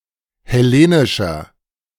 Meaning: inflection of hellenisch: 1. strong/mixed nominative masculine singular 2. strong genitive/dative feminine singular 3. strong genitive plural
- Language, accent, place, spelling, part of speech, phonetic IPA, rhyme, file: German, Germany, Berlin, hellenischer, adjective, [hɛˈleːnɪʃɐ], -eːnɪʃɐ, De-hellenischer.ogg